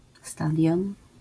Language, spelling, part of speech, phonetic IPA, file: Polish, stadion, noun, [ˈstadʲjɔ̃n], LL-Q809 (pol)-stadion.wav